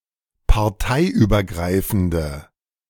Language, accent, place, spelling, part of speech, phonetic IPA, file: German, Germany, Berlin, parteiübergreifende, adjective, [paʁˈtaɪ̯ʔyːbɐˌɡʁaɪ̯fn̩də], De-parteiübergreifende.ogg
- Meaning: inflection of parteiübergreifend: 1. strong/mixed nominative/accusative feminine singular 2. strong nominative/accusative plural 3. weak nominative all-gender singular